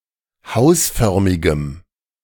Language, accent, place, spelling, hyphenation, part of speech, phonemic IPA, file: German, Germany, Berlin, hausförmigem, haus‧för‧mi‧gem, adjective, /ˈhaʊ̯sˌfœʁmɪɡəm/, De-hausförmigem.ogg
- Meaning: strong dative masculine/neuter singular of hausförmig